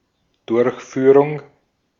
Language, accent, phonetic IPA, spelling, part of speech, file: German, Austria, [ˈdʊɐ̯çˌfyːʁʊŋ], Durchführung, noun, De-at-Durchführung.ogg
- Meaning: 1. implementation 2. performance, execution 3. accomplishment 4. conduct 5. bushing